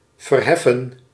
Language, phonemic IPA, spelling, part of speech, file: Dutch, /vərˈhɛfə(n)/, verheffen, verb, Nl-verheffen.ogg
- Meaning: to raise